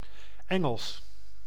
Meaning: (adjective) English; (proper noun) English (language); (adjective) angelical
- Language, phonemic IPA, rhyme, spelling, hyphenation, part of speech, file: Dutch, /ˈɛŋəls/, -ɛŋəls, Engels, En‧gels, adjective / proper noun, Nl-Engels.ogg